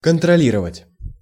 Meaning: 1. to control, to check 2. to monitor, to supervise 3. to rule, to superintend (no perfective form)
- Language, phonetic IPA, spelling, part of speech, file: Russian, [kəntrɐˈlʲirəvətʲ], контролировать, verb, Ru-контролировать.ogg